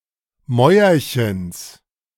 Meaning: genitive singular of Mäuerchen
- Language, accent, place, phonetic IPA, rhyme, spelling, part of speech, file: German, Germany, Berlin, [ˈmɔɪ̯ɐçəns], -ɔɪ̯ɐçəns, Mäuerchens, noun, De-Mäuerchens.ogg